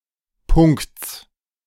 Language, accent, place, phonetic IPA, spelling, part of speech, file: German, Germany, Berlin, [pʊŋkt͡s], Punkts, noun, De-Punkts.ogg
- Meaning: genitive singular of Punkt